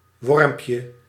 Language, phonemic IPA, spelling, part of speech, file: Dutch, /ˈwɔrᵊmpjə/, wormpje, noun, Nl-wormpje.ogg
- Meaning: diminutive of worm